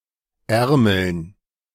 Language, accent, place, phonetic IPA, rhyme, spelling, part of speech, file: German, Germany, Berlin, [ˈɛʁml̩n], -ɛʁml̩n, Ärmeln, noun, De-Ärmeln.ogg
- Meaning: dative plural of Ärmel